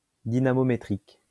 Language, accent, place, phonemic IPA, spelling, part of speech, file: French, France, Lyon, /di.na.mɔ.me.tʁik/, dynamométrique, adjective, LL-Q150 (fra)-dynamométrique.wav
- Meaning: dynamometric